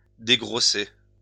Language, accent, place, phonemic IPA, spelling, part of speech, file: French, France, Lyon, /de.ɡʁɔ.se/, dégrosser, verb, LL-Q150 (fra)-dégrosser.wav
- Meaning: "(wire-drawing) to reduce; to draw smaller"